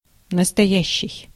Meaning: 1. present 2. true, real, genuine
- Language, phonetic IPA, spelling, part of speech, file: Russian, [nəstɐˈjæɕːɪj], настоящий, adjective, Ru-настоящий.ogg